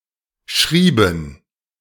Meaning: inflection of schreiben: 1. first/third-person plural preterite 2. first/third-person plural subjunctive II
- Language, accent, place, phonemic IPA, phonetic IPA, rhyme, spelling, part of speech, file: German, Germany, Berlin, /ˈʃriːbən/, [ˈʃʁiː.bm̩], -iːbən, schrieben, verb, De-schrieben.ogg